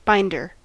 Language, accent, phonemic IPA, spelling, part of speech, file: English, US, /ˈbaɪndɚ/, binder, noun, En-us-binder.ogg
- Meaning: 1. Someone who binds 2. Someone who binds.: Someone who binds books; a bookbinder 3. A cover or holder for unbound papers, pages, etc